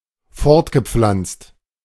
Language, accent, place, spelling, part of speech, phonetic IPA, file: German, Germany, Berlin, fortgepflanzt, verb, [ˈfɔʁtɡəˌp͡flant͡st], De-fortgepflanzt.ogg
- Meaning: past participle of fortpflanzen